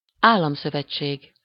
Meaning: confederation, confederacy (federation of states)
- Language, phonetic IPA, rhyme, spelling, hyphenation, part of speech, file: Hungarian, [ˈaːlːɒmsøvɛt͡ʃːeːɡ], -eːɡ, államszövetség, ál‧lam‧szö‧vet‧ség, noun, Hu-államszövetség.ogg